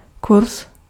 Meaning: 1. course (period of learning) 2. course (direction of movement of a vessel) 3. rate (in exchange rate)
- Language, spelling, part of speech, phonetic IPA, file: Czech, kurz, noun, [ˈkurs], Cs-kurz.ogg